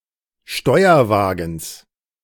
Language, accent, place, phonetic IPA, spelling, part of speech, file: German, Germany, Berlin, [ˈʃtɔɪ̯ɐˌvaːɡn̩s], Steuerwagens, noun, De-Steuerwagens.ogg
- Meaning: genitive singular of Steuerwagen